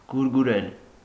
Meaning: 1. to cuddle, to dandle, to fondle 2. to caress, to stroke, to pet 3. to care for, to tend, to worry about 4. to treasure, to hold dear, to reminisce
- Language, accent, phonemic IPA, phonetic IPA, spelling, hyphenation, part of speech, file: Armenian, Eastern Armenian, /ɡuɾɡuˈɾel/, [ɡuɾɡuɾél], գուրգուրել, գուր‧գու‧րել, verb, Hy-գուրգուրել.ogg